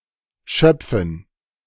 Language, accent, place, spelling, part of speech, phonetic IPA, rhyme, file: German, Germany, Berlin, Schöpfen, noun, [ˈʃœp͡fn̩], -œp͡fn̩, De-Schöpfen.ogg
- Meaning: dative plural of Schopf